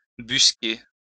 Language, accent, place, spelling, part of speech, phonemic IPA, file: French, France, Lyon, busquer, verb, /bys.ke/, LL-Q150 (fra)-busquer.wav
- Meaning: 1. to busk (dress) 2. to seek, prowl; filch, busk